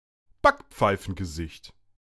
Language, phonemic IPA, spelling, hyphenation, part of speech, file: German, /ˈbakp͡faɪ̯fənɡəˌzɪçt/, Backpfeifengesicht, Back‧pfei‧fen‧ge‧sicht, noun, De-Backpfeifengesicht.ogg
- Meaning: a punchable face; a face "in need of a smack"